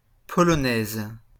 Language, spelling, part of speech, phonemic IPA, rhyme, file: French, polonaise, adjective / noun, /pɔ.lɔ.nɛz/, -ɛz, LL-Q150 (fra)-polonaise.wav
- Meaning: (adjective) feminine singular of polonais; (noun) polonaise